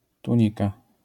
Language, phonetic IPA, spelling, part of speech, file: Polish, [tũˈɲika], tunika, noun, LL-Q809 (pol)-tunika.wav